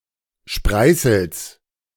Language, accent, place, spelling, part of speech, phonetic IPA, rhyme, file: German, Germany, Berlin, Spreißels, noun, [ˈʃpʁaɪ̯sl̩s], -aɪ̯sl̩s, De-Spreißels.ogg
- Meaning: genitive singular of Spreißel